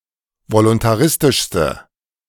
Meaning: inflection of voluntaristisch: 1. strong/mixed nominative/accusative feminine singular superlative degree 2. strong nominative/accusative plural superlative degree
- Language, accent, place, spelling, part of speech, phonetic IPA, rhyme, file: German, Germany, Berlin, voluntaristischste, adjective, [volʊntaˈʁɪstɪʃstə], -ɪstɪʃstə, De-voluntaristischste.ogg